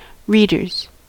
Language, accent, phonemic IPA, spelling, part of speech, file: English, US, /ˈɹidɚz/, readers, noun, En-us-readers.ogg
- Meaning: 1. plural of reader 2. Reading glasses